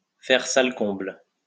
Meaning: to sell out, to have a full house (for an event to be so well attended that there is no room left in the venue)
- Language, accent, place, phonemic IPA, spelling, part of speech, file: French, France, Lyon, /fɛʁ sal kɔ̃bl/, faire salle comble, verb, LL-Q150 (fra)-faire salle comble.wav